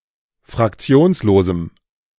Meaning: strong dative masculine/neuter singular of fraktionslos
- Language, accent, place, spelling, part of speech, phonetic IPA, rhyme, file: German, Germany, Berlin, fraktionslosem, adjective, [fʁakˈt͡si̯oːnsloːzm̩], -oːnsloːzm̩, De-fraktionslosem.ogg